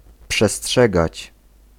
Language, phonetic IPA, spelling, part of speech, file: Polish, [pʃɛˈsṭʃɛɡat͡ɕ], przestrzegać, verb, Pl-przestrzegać.ogg